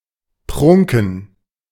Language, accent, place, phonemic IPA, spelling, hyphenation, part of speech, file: German, Germany, Berlin, /ˈpʁʊŋkn̩/, prunken, prun‧ken, verb, De-prunken.ogg
- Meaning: 1. to flaunt, show off 2. to appear in one's full glory